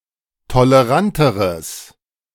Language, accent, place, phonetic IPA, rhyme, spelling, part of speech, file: German, Germany, Berlin, [toləˈʁantəʁəs], -antəʁəs, toleranteres, adjective, De-toleranteres.ogg
- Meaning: strong/mixed nominative/accusative neuter singular comparative degree of tolerant